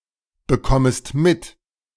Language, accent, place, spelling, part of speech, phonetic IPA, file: German, Germany, Berlin, bekommest mit, verb, [bəˌkɔməst ˈmɪt], De-bekommest mit.ogg
- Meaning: second-person singular subjunctive I of mitbekommen